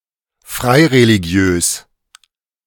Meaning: nondenominational
- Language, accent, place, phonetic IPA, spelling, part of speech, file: German, Germany, Berlin, [ˈfʁaɪ̯ʁeliˌɡi̯øːs], freireligiös, adjective, De-freireligiös.ogg